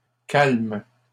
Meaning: third-person plural present indicative/subjunctive of calmer
- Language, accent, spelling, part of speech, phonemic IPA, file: French, Canada, calment, verb, /kalm/, LL-Q150 (fra)-calment.wav